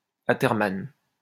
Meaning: athermanous
- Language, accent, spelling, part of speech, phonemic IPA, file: French, France, athermane, adjective, /a.tɛʁ.man/, LL-Q150 (fra)-athermane.wav